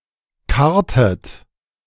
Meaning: inflection of karren: 1. second-person plural preterite 2. second-person plural subjunctive II
- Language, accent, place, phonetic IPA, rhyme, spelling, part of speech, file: German, Germany, Berlin, [ˈkaʁtət], -aʁtət, karrtet, verb, De-karrtet.ogg